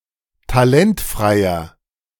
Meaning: inflection of talentfrei: 1. strong/mixed nominative masculine singular 2. strong genitive/dative feminine singular 3. strong genitive plural
- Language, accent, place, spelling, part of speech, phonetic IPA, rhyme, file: German, Germany, Berlin, talentfreier, adjective, [taˈlɛntfʁaɪ̯ɐ], -ɛntfʁaɪ̯ɐ, De-talentfreier.ogg